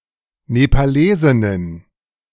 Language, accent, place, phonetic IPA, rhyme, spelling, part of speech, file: German, Germany, Berlin, [nepaˈleːzɪnən], -eːzɪnən, Nepalesinnen, noun, De-Nepalesinnen.ogg
- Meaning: plural of Nepalesin